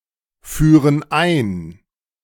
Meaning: inflection of einführen: 1. first/third-person plural present 2. first/third-person plural subjunctive I
- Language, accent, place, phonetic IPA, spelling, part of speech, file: German, Germany, Berlin, [ˌfyːʁən ˈaɪ̯n], führen ein, verb, De-führen ein.ogg